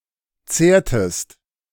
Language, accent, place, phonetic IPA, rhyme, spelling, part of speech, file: German, Germany, Berlin, [ˈt͡seːɐ̯təst], -eːɐ̯təst, zehrtest, verb, De-zehrtest.ogg
- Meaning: inflection of zehren: 1. second-person singular preterite 2. second-person singular subjunctive II